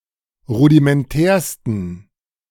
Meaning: 1. superlative degree of rudimentär 2. inflection of rudimentär: strong genitive masculine/neuter singular superlative degree
- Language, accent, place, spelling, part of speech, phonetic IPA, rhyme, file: German, Germany, Berlin, rudimentärsten, adjective, [ˌʁudimɛnˈtɛːɐ̯stn̩], -ɛːɐ̯stn̩, De-rudimentärsten.ogg